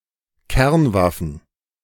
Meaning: plural of Kernwaffe
- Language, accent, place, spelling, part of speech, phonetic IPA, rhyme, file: German, Germany, Berlin, Kernwaffen, noun, [ˈkɛʁnˌvafn̩], -ɛʁnvafn̩, De-Kernwaffen.ogg